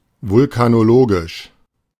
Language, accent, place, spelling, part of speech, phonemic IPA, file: German, Germany, Berlin, vulkanologisch, adjective, /vʊlkanoˈloːɡɪʃ/, De-vulkanologisch.ogg
- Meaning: volcanological